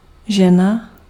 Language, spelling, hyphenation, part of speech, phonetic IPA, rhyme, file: Czech, žena, že‧na, noun / verb, [ˈʒɛna], -ɛna, Cs-žena.ogg
- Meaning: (noun) 1. woman 2. wife; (verb) masculine singular present transgressive of hnát